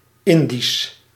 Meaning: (adjective) 1. pertaining to the East Indies, especially the Dutch East Indies (present-day Indonesia) 2. Indian; pertaining to India; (proper noun) Indic; the Indo-Aryan language family
- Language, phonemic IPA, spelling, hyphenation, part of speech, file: Dutch, /ˈɪn.dis/, Indisch, In‧disch, adjective / proper noun, Nl-Indisch.ogg